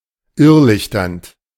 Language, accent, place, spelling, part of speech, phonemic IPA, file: German, Germany, Berlin, irrlichternd, verb / adjective, /ˈɪʁˌlɪçtɐnt/, De-irrlichternd.ogg
- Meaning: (verb) present participle of irrlichtern; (adjective) wandering, flitting